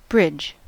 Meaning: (noun) A construction or natural feature that spans a divide.: A construction spanning a waterway, ravine, or valley from a height, allowing for the passage of vehicles, pedestrians, trains, etc
- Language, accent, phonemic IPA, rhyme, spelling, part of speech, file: English, US, /bɹɪd͡ʒ/, -ɪdʒ, bridge, noun / verb, En-us-bridge.ogg